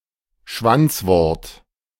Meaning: initial clipping; apheresis
- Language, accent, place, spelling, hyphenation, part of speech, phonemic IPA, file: German, Germany, Berlin, Schwanzwort, Schwanz‧wort, noun, /ˈʃvant͡sˌvɔʁt/, De-Schwanzwort.ogg